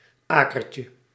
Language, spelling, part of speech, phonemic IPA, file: Dutch, akertje, noun, /ˈakərcə/, Nl-akertje.ogg
- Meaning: diminutive of aker